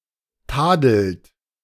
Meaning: inflection of tadeln: 1. third-person singular present 2. second-person plural present 3. plural imperative
- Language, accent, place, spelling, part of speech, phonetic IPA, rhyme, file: German, Germany, Berlin, tadelt, verb, [ˈtaːdl̩t], -aːdl̩t, De-tadelt.ogg